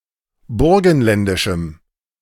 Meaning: strong dative masculine/neuter singular of burgenländisch
- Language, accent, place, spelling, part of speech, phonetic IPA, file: German, Germany, Berlin, burgenländischem, adjective, [ˈbʊʁɡn̩ˌlɛndɪʃm̩], De-burgenländischem.ogg